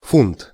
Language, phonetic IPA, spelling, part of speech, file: Russian, [funt], фунт, noun, Ru-фунт.ogg
- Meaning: 1. pound (409.51241 grams) 2. English pound (453.59237 grams) 3. pound